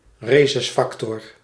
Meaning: Rhesus factor
- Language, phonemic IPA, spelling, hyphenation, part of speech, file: Dutch, /ˈreː.sʏsˌfɑk.tɔr/, resusfactor, re‧sus‧fac‧tor, noun, Nl-resusfactor.ogg